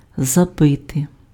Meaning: 1. to beat in, to drive in, to hammer in, to bang in, to ram in (to insert with blows: nail, post, stake, wedge, etc.) 2. to score, to bang in (:goal) 3. to board up, to nail shut, to nail up
- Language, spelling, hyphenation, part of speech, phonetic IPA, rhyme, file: Ukrainian, забити, за‧би‧ти, verb, [zɐˈbɪte], -ɪte, Uk-забити.ogg